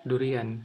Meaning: durian (fruit)
- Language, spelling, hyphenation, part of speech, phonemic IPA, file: Brunei, durian, du‧ri‧an, noun, /durian/, Kxd-durian.ogg